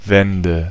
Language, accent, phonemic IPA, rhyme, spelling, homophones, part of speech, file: German, Germany, /ˈvɛndə/, -ɛndə, Wände, Wende / wende, noun, De-Wände.ogg
- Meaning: nominative/accusative/genitive plural of Wand